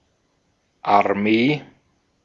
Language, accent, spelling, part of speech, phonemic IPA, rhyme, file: German, Austria, Armee, noun, /arˈmeː/, -eː, De-at-Armee.ogg
- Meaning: army (large tactical contingent consisting of several divisions)